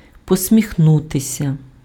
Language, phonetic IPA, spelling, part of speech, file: Ukrainian, [pɔsʲmʲixˈnutesʲɐ], посміхнутися, verb, Uk-посміхнутися.ogg
- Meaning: to smile ironically or skeptically